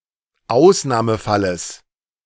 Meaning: genitive singular of Ausnahmefall
- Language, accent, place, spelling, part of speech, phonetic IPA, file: German, Germany, Berlin, Ausnahmefalles, noun, [ˈaʊ̯snaːməˌfaləs], De-Ausnahmefalles.ogg